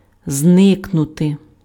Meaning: to disappear, to vanish
- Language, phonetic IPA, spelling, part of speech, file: Ukrainian, [ˈznɪknʊte], зникнути, verb, Uk-зникнути.ogg